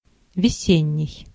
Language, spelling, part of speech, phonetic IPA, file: Russian, весенний, adjective, [vʲɪˈsʲenʲːɪj], Ru-весенний.ogg
- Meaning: 1. spring (season) 2. springlike